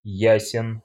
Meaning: short masculine singular of я́сный (jásnyj)
- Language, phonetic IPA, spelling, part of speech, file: Russian, [ˈjæsʲɪn], ясен, adjective, Ru-ясен.ogg